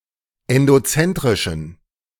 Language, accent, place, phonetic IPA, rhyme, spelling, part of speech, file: German, Germany, Berlin, [ɛndoˈt͡sɛntʁɪʃn̩], -ɛntʁɪʃn̩, endozentrischen, adjective, De-endozentrischen.ogg
- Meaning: inflection of endozentrisch: 1. strong genitive masculine/neuter singular 2. weak/mixed genitive/dative all-gender singular 3. strong/weak/mixed accusative masculine singular 4. strong dative plural